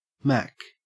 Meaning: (noun) 1. An individual skilled in the art of seduction using verbal skills; a seducer 2. A pimp or procurer; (verb) 1. To act as pimp; to pander 2. To seduce or flirt with
- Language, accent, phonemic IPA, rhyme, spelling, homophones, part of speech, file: English, Australia, /mæk/, -æk, mack, mac / Mac / Mack, noun / verb, En-au-mack.ogg